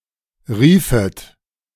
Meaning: second-person plural subjunctive II of rufen
- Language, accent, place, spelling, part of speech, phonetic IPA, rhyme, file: German, Germany, Berlin, riefet, verb, [ˈʁiːfət], -iːfət, De-riefet.ogg